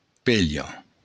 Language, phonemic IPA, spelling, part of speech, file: Occitan, /ˈpeʎo/, pelha, noun, LL-Q942602-pelha.wav
- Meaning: 1. piece of old cloth 2. rag 3. skirt